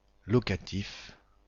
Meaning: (adjective) 1. locative 2. rental; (noun) locative, locative case
- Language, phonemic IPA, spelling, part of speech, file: French, /lɔ.ka.tif/, locatif, adjective / noun, Fr-Locatif.ogg